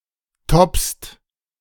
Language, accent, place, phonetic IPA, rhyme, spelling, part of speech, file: German, Germany, Berlin, [tɔpst], -ɔpst, toppst, verb, De-toppst.ogg
- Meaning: second-person singular present of toppen